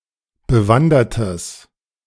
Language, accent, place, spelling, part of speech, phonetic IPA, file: German, Germany, Berlin, bewandertes, adjective, [bəˈvandɐtəs], De-bewandertes.ogg
- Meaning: strong/mixed nominative/accusative neuter singular of bewandert